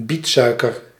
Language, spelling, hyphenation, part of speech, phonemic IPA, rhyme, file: Dutch, bietsuiker, biet‧sui‧ker, noun, /ˈbitˌsœy̯.kər/, -itsœy̯kər, Nl-bietsuiker.ogg
- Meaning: beet sugar